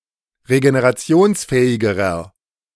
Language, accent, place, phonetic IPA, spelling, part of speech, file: German, Germany, Berlin, [ʁeɡeneʁaˈt͡si̯oːnsˌfɛːɪɡəʁɐ], regenerationsfähigerer, adjective, De-regenerationsfähigerer.ogg
- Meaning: inflection of regenerationsfähig: 1. strong/mixed nominative masculine singular comparative degree 2. strong genitive/dative feminine singular comparative degree